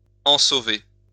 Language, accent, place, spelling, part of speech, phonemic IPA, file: French, France, Lyon, ensauver, verb, /ɑ̃.so.ve/, LL-Q150 (fra)-ensauver.wav
- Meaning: to leave; to depart